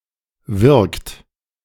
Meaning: inflection of wirken: 1. third-person singular present 2. second-person plural present 3. plural imperative
- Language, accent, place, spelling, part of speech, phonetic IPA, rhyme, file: German, Germany, Berlin, wirkt, verb, [vɪʁkt], -ɪʁkt, De-wirkt.ogg